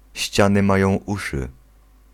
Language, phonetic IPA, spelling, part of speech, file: Polish, [ˈɕt͡ɕãnɨ ˈmajɔ̃w̃ ˈuʃɨ], ściany mają uszy, proverb, Pl-ściany mają uszy.ogg